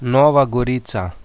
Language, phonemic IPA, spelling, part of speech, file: Slovenian, /nɔ̀ːʋa ɡɔrìːt͡sa/, Nova Gorica, proper noun, Sl-Nova Gorica.oga
- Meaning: Nova Gorica (a town in Slovenia)